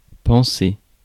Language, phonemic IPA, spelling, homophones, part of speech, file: French, /pɑ̃.se/, panser, penser / pensée, verb, Fr-panser.ogg
- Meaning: 1. to dress (a wound etc.); to bandage 2. to groom